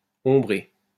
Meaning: past participle of ombrer
- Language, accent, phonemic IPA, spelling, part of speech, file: French, France, /ɔ̃.bʁe/, ombré, verb, LL-Q150 (fra)-ombré.wav